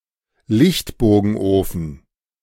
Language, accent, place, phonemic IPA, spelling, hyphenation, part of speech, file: German, Germany, Berlin, /ˈlɪçtboːɡn̩ˌʔoːfn̩/, Lichtbogenofen, Licht‧bo‧gen‧ofen, noun, De-Lichtbogenofen.ogg
- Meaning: electric arc furnace